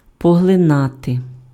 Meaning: to absorb
- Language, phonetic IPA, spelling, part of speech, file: Ukrainian, [pɔɦɫeˈnate], поглинати, verb, Uk-поглинати.ogg